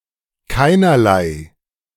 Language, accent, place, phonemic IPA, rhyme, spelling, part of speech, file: German, Germany, Berlin, /ˈkaɪ̯.nɐ.laɪ̯/, -aɪ̯, keinerlei, adjective, De-keinerlei.ogg
- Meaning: no … whatsoever, no … at all